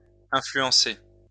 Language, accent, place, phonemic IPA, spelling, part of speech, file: French, France, Lyon, /ɛ̃.fly.ɑ̃.se/, influencé, verb / adjective, LL-Q150 (fra)-influencé.wav
- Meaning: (verb) past participle of influencer; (adjective) influenced